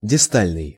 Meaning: distal
- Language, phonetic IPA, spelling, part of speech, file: Russian, [dʲɪˈstalʲnɨj], дистальный, adjective, Ru-дистальный.ogg